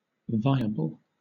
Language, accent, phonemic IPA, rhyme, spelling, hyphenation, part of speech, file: English, Southern England, /ˈvaɪəbəl/, -aɪəbəl, viable, vi‧a‧ble, adjective / noun, LL-Q1860 (eng)-viable.wav
- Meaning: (adjective) 1. Able to live on its own (as for a newborn) 2. Able to be done, possible, practicable, feasible 3. Capable of working successfully 4. Able to live and develop